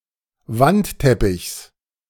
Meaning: genitive singular of Wandteppich
- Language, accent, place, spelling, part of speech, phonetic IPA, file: German, Germany, Berlin, Wandteppichs, noun, [ˈvantˌtɛpɪçs], De-Wandteppichs.ogg